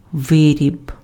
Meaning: product, article, ware, manufacture (manufactured item)
- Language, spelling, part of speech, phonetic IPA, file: Ukrainian, виріб, noun, [ˈʋɪrʲib], Uk-виріб.ogg